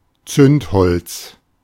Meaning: match (device to make fire), matchstick
- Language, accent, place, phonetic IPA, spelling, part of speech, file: German, Germany, Berlin, [ˈt͡sʏntˌhɔlt͡s], Zündholz, noun, De-Zündholz.ogg